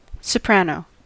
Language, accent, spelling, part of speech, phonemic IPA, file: English, US, soprano, noun / verb, /səˈpɹænoʊ/, En-us-soprano.ogg
- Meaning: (noun) 1. The musical part higher in pitch than alto, typically encompassing the range of the treble clef 2. A person or instrument that performs the soprano part